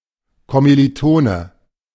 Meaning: fellow student, classmate (at college or university), uni mate, schoolmate (male or of unspecified gender)
- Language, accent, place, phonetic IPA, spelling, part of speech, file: German, Germany, Berlin, [ˌkɔmiliˈtoːnə], Kommilitone, noun, De-Kommilitone.ogg